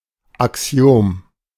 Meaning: axiom
- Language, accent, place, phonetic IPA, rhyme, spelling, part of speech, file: German, Germany, Berlin, [aˈksi̯oːm], -oːm, Axiom, noun, De-Axiom.ogg